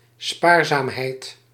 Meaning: frugality
- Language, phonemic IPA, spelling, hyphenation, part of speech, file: Dutch, /ˈspaːr.zaːmˌɦɛi̯t/, spaarzaamheid, spaar‧zaam‧heid, noun, Nl-spaarzaamheid.ogg